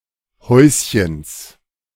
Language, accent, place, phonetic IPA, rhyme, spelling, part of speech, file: German, Germany, Berlin, [ˈhɔɪ̯sçəns], -ɔɪ̯sçəns, Häuschens, noun, De-Häuschens.ogg
- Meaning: genitive singular of Häuschen